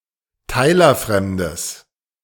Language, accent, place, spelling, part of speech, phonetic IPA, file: German, Germany, Berlin, teilerfremdes, adjective, [ˈtaɪ̯lɐˌfʁɛmdəs], De-teilerfremdes.ogg
- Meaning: strong/mixed nominative/accusative neuter singular of teilerfremd